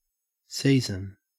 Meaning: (noun) Each of the divisions of a year based on the prevailing weather: spring, summer, autumn (fall) and winter; or the rainy (monsoon) and dry season, depending on the climate
- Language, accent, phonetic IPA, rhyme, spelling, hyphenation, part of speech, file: English, Australia, [ˈsɪi.zən], -iːzən, season, sea‧son, noun / verb, En-au-season.ogg